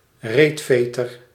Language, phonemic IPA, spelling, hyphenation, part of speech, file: Dutch, /ˈreːtˌfeː.tər/, reetveter, reet‧ve‧ter, noun, Nl-reetveter.ogg
- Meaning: butt floss, G-string, thong